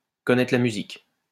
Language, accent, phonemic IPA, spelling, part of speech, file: French, France, /kɔ.nɛ.tʁə la my.zik/, connaître la musique, verb, LL-Q150 (fra)-connaître la musique.wav
- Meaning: to know the score; to know the drill